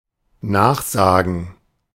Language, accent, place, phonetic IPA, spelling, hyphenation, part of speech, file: German, Germany, Berlin, [ˈnaːχˌzaːɡŋ̍], nachsagen, nach‧sa‧gen, verb, De-nachsagen.ogg
- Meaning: 1. to repeat something said by someone else; to echo; to follow someone's opinion 2. to say (something about someone, often something negative); to spread rumours about someone